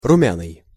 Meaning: ruddy, rosy, pink
- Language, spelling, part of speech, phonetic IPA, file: Russian, румяный, adjective, [rʊˈmʲanɨj], Ru-румяный.ogg